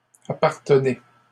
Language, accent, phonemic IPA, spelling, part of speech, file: French, Canada, /a.paʁ.tə.ne/, appartenez, verb, LL-Q150 (fra)-appartenez.wav
- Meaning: inflection of appartenir: 1. second-person plural present indicative 2. second-person plural imperative